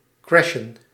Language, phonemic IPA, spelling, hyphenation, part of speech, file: Dutch, /ˈkrɛ.ʃə(n)/, crashen, cra‧shen, verb, Nl-crashen.ogg
- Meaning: 1. to crash 2. to go bankrupt